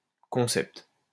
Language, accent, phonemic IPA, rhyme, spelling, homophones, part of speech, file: French, France, /kɔ̃.sɛpt/, -ɛpt, concept, concepts, noun, LL-Q150 (fra)-concept.wav
- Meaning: concept